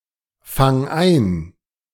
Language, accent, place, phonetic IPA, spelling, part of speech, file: German, Germany, Berlin, [ˌfaŋ ˈaɪ̯n], fang ein, verb, De-fang ein.ogg
- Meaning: singular imperative of einfangen